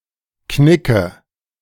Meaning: inflection of knicken: 1. first-person singular present 2. first/third-person singular subjunctive I 3. singular imperative
- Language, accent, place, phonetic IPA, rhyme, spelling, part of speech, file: German, Germany, Berlin, [ˈknɪkə], -ɪkə, knicke, verb, De-knicke.ogg